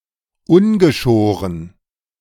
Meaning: 1. unshorn 2. unhindered, unrestrained, unrestricted
- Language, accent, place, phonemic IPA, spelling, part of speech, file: German, Germany, Berlin, /ˈʊnɡəˌʃoːʁən/, ungeschoren, adjective, De-ungeschoren.ogg